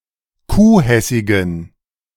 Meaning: inflection of kuhhessig: 1. strong genitive masculine/neuter singular 2. weak/mixed genitive/dative all-gender singular 3. strong/weak/mixed accusative masculine singular 4. strong dative plural
- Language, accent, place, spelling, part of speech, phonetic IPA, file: German, Germany, Berlin, kuhhessigen, adjective, [ˈkuːˌhɛsɪɡn̩], De-kuhhessigen.ogg